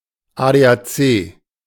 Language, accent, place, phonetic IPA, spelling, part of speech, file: German, Germany, Berlin, [ˌaːdeːʔaːˈt͡seː], ADAC, noun, De-ADAC.ogg
- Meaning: initialism of Allgemeiner Deutscher Automobil-Club (General German Automobile Club)